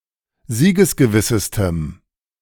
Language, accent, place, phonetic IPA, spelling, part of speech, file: German, Germany, Berlin, [ˈziːɡəsɡəˌvɪsəstəm], siegesgewissestem, adjective, De-siegesgewissestem.ogg
- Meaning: strong dative masculine/neuter singular superlative degree of siegesgewiss